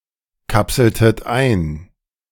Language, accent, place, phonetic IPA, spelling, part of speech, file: German, Germany, Berlin, [ˌkapsl̩tət ˈaɪ̯n], kapseltet ein, verb, De-kapseltet ein.ogg
- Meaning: inflection of einkapseln: 1. second-person plural preterite 2. second-person plural subjunctive II